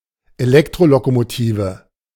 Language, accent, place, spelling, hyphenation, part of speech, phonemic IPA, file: German, Germany, Berlin, Elektrolokomotive, Elek‧tro‧lo‧ko‧mo‧ti‧ve, noun, /eˈlɛktʁolokomoˌtiːvə/, De-Elektrolokomotive.ogg
- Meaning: electric locomotive